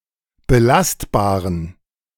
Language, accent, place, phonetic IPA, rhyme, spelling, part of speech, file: German, Germany, Berlin, [bəˈlastbaːʁən], -astbaːʁən, belastbaren, adjective, De-belastbaren.ogg
- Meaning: inflection of belastbar: 1. strong genitive masculine/neuter singular 2. weak/mixed genitive/dative all-gender singular 3. strong/weak/mixed accusative masculine singular 4. strong dative plural